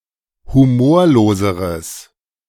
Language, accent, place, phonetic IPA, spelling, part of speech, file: German, Germany, Berlin, [huˈmoːɐ̯loːzəʁəs], humorloseres, adjective, De-humorloseres.ogg
- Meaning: strong/mixed nominative/accusative neuter singular comparative degree of humorlos